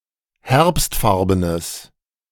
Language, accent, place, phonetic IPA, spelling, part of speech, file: German, Germany, Berlin, [ˈhɛʁpstˌfaʁbənəs], herbstfarbenes, adjective, De-herbstfarbenes.ogg
- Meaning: strong/mixed nominative/accusative neuter singular of herbstfarben